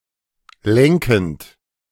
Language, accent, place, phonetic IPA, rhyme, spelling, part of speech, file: German, Germany, Berlin, [ˈlɛŋkn̩t], -ɛŋkn̩t, lenkend, verb, De-lenkend.ogg
- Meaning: present participle of lenken